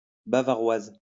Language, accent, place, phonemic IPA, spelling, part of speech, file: French, France, Lyon, /ba.va.ʁwaz/, bavaroise, adjective, LL-Q150 (fra)-bavaroise.wav
- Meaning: feminine singular of bavarois